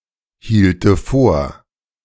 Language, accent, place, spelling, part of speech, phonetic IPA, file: German, Germany, Berlin, hielte vor, verb, [ˌhiːltə ˈfoːɐ̯], De-hielte vor.ogg
- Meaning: first/third-person singular subjunctive II of vorhalten